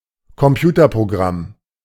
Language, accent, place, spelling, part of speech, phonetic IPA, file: German, Germany, Berlin, Computerprogramm, noun, [kɔmˈpjuːtɐpʁoˌɡʁam], De-Computerprogramm.ogg
- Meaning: computer program